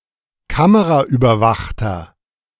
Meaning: inflection of kameraüberwacht: 1. strong/mixed nominative masculine singular 2. strong genitive/dative feminine singular 3. strong genitive plural
- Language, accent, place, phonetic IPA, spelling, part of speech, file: German, Germany, Berlin, [ˈkaməʁaʔyːbɐˌvaxtɐ], kameraüberwachter, adjective, De-kameraüberwachter.ogg